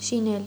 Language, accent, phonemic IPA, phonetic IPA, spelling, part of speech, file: Armenian, Eastern Armenian, /ʃiˈnel/, [ʃinél], շինել, verb, Hy-շինել.ogg
- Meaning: 1. to make, to manufacture, to contrive 2. to build, to construct 3. to repair 4. to cook, to prepare food 5. to bang, screw (engage in sexual intercourse)